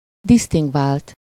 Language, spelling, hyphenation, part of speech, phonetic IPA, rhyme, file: Hungarian, disztingvált, disz‧ting‧vált, verb / adjective, [ˈdistiŋɡvaːlt], -aːlt, Hu-disztingvált.ogg
- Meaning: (verb) 1. third-person singular indicative past indefinite of disztingvál 2. past participle of disztingvál; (adjective) distinguished (having a dignified appearance or demeanor)